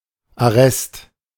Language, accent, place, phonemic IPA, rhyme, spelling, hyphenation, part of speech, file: German, Germany, Berlin, /aˈʁɛst/, -ɛst, Arrest, Ar‧rest, noun, De-Arrest.ogg
- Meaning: arrest, confinement, detention